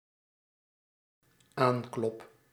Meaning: first-person singular dependent-clause present indicative of aankloppen
- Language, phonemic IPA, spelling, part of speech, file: Dutch, /ˈaŋklɔp/, aanklop, verb, Nl-aanklop.ogg